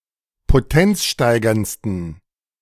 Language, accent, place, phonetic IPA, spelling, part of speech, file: German, Germany, Berlin, [poˈtɛnt͡sˌʃtaɪ̯ɡɐnt͡stn̩], potenzsteigerndsten, adjective, De-potenzsteigerndsten.ogg
- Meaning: 1. superlative degree of potenzsteigernd 2. inflection of potenzsteigernd: strong genitive masculine/neuter singular superlative degree